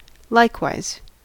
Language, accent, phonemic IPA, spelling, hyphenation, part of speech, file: English, US, /ˈlaɪkˌwaɪz/, likewise, like‧wise, adverb, En-us-likewise.ogg
- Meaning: 1. In a similar manner 2. also; moreover; too 3. The same to you; used as a response